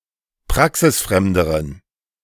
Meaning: inflection of praxisfremd: 1. strong genitive masculine/neuter singular comparative degree 2. weak/mixed genitive/dative all-gender singular comparative degree
- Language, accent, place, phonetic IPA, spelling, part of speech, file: German, Germany, Berlin, [ˈpʁaksɪsˌfʁɛmdəʁən], praxisfremderen, adjective, De-praxisfremderen.ogg